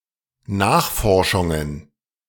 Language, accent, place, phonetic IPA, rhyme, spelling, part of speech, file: German, Germany, Berlin, [ˈnaːxˌfɔʁʃʊŋən], -aːxfɔʁʃʊŋən, Nachforschungen, noun, De-Nachforschungen.ogg
- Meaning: plural of Nachforschung